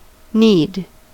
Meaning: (verb) To work and press into a mass, usually with the hands; especially, to work, as by repeated pressure with the knuckles, into a well mixed mass, the materials of bread, cake, etc
- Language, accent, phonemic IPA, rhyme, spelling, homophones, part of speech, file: English, US, /niːd/, -iːd, knead, kneed / need, verb / noun, En-us-knead.ogg